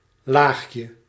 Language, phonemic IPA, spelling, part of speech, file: Dutch, /ˈlaxjə/, laagje, noun, Nl-laagje.ogg
- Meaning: diminutive of laag